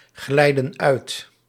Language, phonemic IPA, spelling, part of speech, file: Dutch, /ˈɣlɛidə(n) ˈœyt/, glijden uit, verb, Nl-glijden uit.ogg
- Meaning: inflection of uitglijden: 1. plural present indicative 2. plural present subjunctive